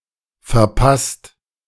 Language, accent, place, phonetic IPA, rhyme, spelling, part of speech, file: German, Germany, Berlin, [fɛɐ̯ˈpast], -ast, verpasst, verb, De-verpasst.ogg
- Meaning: 1. past participle of verpassen 2. inflection of verpassen: second/third-person singular present 3. inflection of verpassen: second-person plural present 4. inflection of verpassen: plural imperative